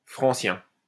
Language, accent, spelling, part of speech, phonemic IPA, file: French, France, francien, adjective / noun, /fʁɑ̃.sjɛ̃/, LL-Q150 (fra)-francien.wav
- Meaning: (adjective) 1. Francian (of or pertaining to Francia) 2. Francian, Francien (of or pertaining to the Francian dialect) 3. Francian (of or pertaining to Anatole France)